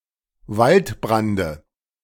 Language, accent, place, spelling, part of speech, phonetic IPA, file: German, Germany, Berlin, Waldbrande, noun, [ˈvaltˌbʁandə], De-Waldbrande.ogg
- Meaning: dative of Waldbrand